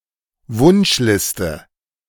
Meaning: wish list, wishlist
- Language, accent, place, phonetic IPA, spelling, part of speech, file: German, Germany, Berlin, [ˈvʊnʃˌlɪstə], Wunschliste, noun, De-Wunschliste.ogg